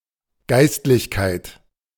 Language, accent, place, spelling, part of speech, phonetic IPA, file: German, Germany, Berlin, Geistlichkeit, noun, [ˈɡaɪ̯stlɪçkaɪ̯t], De-Geistlichkeit.ogg
- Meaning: clergy (collectively)